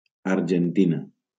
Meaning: Argentina (a country in South America)
- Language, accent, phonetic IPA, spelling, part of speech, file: Catalan, Valencia, [aɾ.d͡ʒenˈti.na], Argentina, proper noun, LL-Q7026 (cat)-Argentina.wav